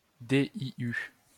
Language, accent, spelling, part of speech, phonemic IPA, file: French, France, DIU, noun, /de.i.y/, LL-Q150 (fra)-DIU.wav
- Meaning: initialism of dispositif intra-utérin (“IUD (intrauterine device)”)